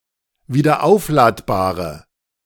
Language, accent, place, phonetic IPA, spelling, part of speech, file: German, Germany, Berlin, [viːdɐˈʔaʊ̯flaːtbaːʁə], wiederaufladbare, adjective, De-wiederaufladbare.ogg
- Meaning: inflection of wiederaufladbar: 1. strong/mixed nominative/accusative feminine singular 2. strong nominative/accusative plural 3. weak nominative all-gender singular